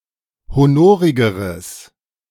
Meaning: strong/mixed nominative/accusative neuter singular comparative degree of honorig
- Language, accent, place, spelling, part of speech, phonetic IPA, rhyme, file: German, Germany, Berlin, honorigeres, adjective, [hoˈnoːʁɪɡəʁəs], -oːʁɪɡəʁəs, De-honorigeres.ogg